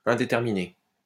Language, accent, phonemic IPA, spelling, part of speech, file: French, France, /ɛ̃.de.tɛʁ.mi.ne/, indéterminé, adjective, LL-Q150 (fra)-indéterminé.wav
- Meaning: 1. undetermined 2. uncertain, unsure